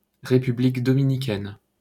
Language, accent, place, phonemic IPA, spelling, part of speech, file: French, France, Paris, /ʁe.py.blik dɔ.mi.ni.kɛn/, République dominicaine, proper noun, LL-Q150 (fra)-République dominicaine.wav
- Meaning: Dominican Republic (a country in the Caribbean)